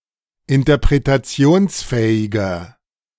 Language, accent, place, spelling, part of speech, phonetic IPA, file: German, Germany, Berlin, interpretationsfähiger, adjective, [ɪntɐpʁetaˈt͡si̯oːnsˌfɛːɪɡɐ], De-interpretationsfähiger.ogg
- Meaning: 1. comparative degree of interpretationsfähig 2. inflection of interpretationsfähig: strong/mixed nominative masculine singular